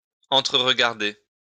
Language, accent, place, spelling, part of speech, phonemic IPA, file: French, France, Lyon, entre-regarder, verb, /ɑ̃.tʁə.ʁ(ə).ɡaʁ.de/, LL-Q150 (fra)-entre-regarder.wav
- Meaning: to look at each other